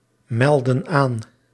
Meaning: inflection of aanmelden: 1. plural present indicative 2. plural present subjunctive
- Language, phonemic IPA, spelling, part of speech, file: Dutch, /ˈmɛldə(n) ˈan/, melden aan, verb, Nl-melden aan.ogg